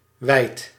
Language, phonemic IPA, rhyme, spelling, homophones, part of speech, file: Dutch, /ʋɛi̯t/, -ɛi̯t, weit, wijd, noun, Nl-weit.ogg
- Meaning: wheat